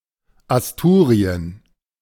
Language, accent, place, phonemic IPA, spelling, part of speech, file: German, Germany, Berlin, /asˈtuːʁi̯ən/, Asturien, proper noun, De-Asturien.ogg
- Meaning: Asturias (an autonomous community and province of Spain, on the Spanish north coast facing the Cantabrian Sea)